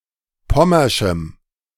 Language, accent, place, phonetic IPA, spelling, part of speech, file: German, Germany, Berlin, [ˈpɔmɐʃm̩], pommerschem, adjective, De-pommerschem.ogg
- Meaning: strong dative masculine/neuter singular of pommersch